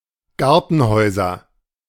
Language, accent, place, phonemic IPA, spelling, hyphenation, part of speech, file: German, Germany, Berlin, /ˈɡaʁtənˌhɔʏ̯zɐ/, Gartenhäuser, Gar‧ten‧häu‧ser, noun, De-Gartenhäuser.ogg
- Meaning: nominative/accusative/genitive plural of Gartenhaus